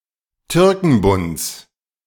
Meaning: genitive singular of Türkenbund
- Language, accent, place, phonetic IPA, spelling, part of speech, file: German, Germany, Berlin, [ˈtʏʁkŋ̩bʊnt͡s], Türkenbunds, noun, De-Türkenbunds.ogg